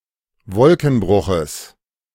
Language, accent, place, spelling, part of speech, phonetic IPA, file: German, Germany, Berlin, Wolkenbruches, noun, [ˈvɔlkn̩ˌbʁʊxəs], De-Wolkenbruches.ogg
- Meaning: genitive singular of Wolkenbruch